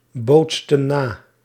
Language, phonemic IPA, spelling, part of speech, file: Dutch, /ˈbotstə(n) ˈna/, bootsten na, verb, Nl-bootsten na.ogg
- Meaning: inflection of nabootsen: 1. plural past indicative 2. plural past subjunctive